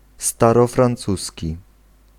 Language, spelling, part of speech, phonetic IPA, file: Polish, starofrancuski, noun / adjective, [ˌstarɔfrãnˈt͡susʲci], Pl-starofrancuski.ogg